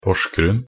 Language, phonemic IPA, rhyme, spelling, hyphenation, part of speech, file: Norwegian Bokmål, /pɔʂɡrʉn/, -ʉn, Porsgrunn, Pors‧grunn, proper noun, Nb-porsgrunn.ogg
- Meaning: Porsgrunn (a municipality and city in Vestfold og Telemark, Norway)